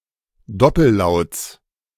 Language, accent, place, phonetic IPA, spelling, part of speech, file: German, Germany, Berlin, [ˈdɔpl̩ˌlaʊ̯t͡s], Doppellauts, noun, De-Doppellauts.ogg
- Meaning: genitive singular of Doppellaut